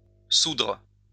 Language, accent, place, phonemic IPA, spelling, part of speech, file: French, France, Lyon, /sudʁ/, soudre, verb, LL-Q150 (fra)-soudre.wav
- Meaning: 1. resolve 2. pay off